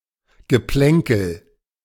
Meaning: a minor or harmless fight: 1. skirmish; brouhaha 2. banter; repartee; jocundity
- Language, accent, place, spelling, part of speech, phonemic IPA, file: German, Germany, Berlin, Geplänkel, noun, /ɡəˈplɛŋkl̩/, De-Geplänkel.ogg